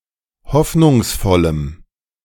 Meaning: strong dative masculine/neuter singular of hoffnungsvoll
- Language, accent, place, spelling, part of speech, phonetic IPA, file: German, Germany, Berlin, hoffnungsvollem, adjective, [ˈhɔfnʊŋsˌfɔləm], De-hoffnungsvollem.ogg